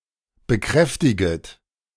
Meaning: second-person plural subjunctive I of bekräftigen
- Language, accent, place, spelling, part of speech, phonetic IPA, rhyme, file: German, Germany, Berlin, bekräftiget, verb, [bəˈkʁɛftɪɡət], -ɛftɪɡət, De-bekräftiget.ogg